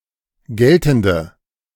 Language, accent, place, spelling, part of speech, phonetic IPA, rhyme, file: German, Germany, Berlin, geltende, adjective, [ˈɡɛltn̩də], -ɛltn̩də, De-geltende.ogg
- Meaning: inflection of geltend: 1. strong/mixed nominative/accusative feminine singular 2. strong nominative/accusative plural 3. weak nominative all-gender singular 4. weak accusative feminine/neuter singular